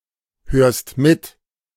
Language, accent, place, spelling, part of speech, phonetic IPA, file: German, Germany, Berlin, hörst mit, verb, [ˌhøːɐ̯st ˈmɪt], De-hörst mit.ogg
- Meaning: second-person singular present of mithören